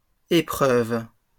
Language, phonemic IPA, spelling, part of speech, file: French, /e.pʁœv/, épreuves, noun, LL-Q150 (fra)-épreuves.wav
- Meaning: plural of épreuve